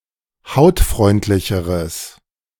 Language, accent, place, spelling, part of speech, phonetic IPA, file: German, Germany, Berlin, hautfreundlicheres, adjective, [ˈhaʊ̯tˌfʁɔɪ̯ntlɪçəʁəs], De-hautfreundlicheres.ogg
- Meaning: strong/mixed nominative/accusative neuter singular comparative degree of hautfreundlich